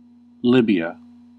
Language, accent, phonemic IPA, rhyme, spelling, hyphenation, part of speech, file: English, US, /ˈlɪbi.ə/, -ɪbiə, Libya, Li‧bya, proper noun, En-us-Libya.ogg
- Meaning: 1. A country in North Africa. Capital: Tripoli 2. Africa; that is, the part of North Africa known in classical antiquity